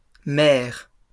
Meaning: plural of mère
- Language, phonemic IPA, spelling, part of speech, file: French, /mɛʁ/, mères, noun, LL-Q150 (fra)-mères.wav